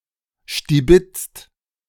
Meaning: 1. inflection of stibitzen: second/third-person singular present 2. inflection of stibitzen: second-person plural present 3. inflection of stibitzen: plural imperative 4. past participle of stibitzen
- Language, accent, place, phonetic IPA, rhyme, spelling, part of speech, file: German, Germany, Berlin, [ʃtiˈbɪt͡st], -ɪt͡st, stibitzt, verb, De-stibitzt.ogg